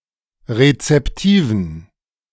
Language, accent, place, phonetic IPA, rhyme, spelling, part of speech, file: German, Germany, Berlin, [ʁet͡sɛpˈtiːvn̩], -iːvn̩, rezeptiven, adjective, De-rezeptiven.ogg
- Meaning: inflection of rezeptiv: 1. strong genitive masculine/neuter singular 2. weak/mixed genitive/dative all-gender singular 3. strong/weak/mixed accusative masculine singular 4. strong dative plural